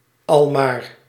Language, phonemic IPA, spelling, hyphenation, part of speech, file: Dutch, /ˈɑl.maːr/, almaar, al‧maar, adverb, Nl-almaar.ogg
- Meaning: all the time